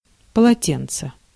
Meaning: towel
- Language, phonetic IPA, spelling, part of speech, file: Russian, [pəɫɐˈtʲent͡sə], полотенце, noun, Ru-полотенце.ogg